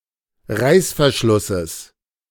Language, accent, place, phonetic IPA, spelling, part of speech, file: German, Germany, Berlin, [ˈʁaɪ̯sfɛɐ̯ˌʃlʊsəs], Reißverschlusses, noun, De-Reißverschlusses.ogg
- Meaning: genitive singular of Reißverschluss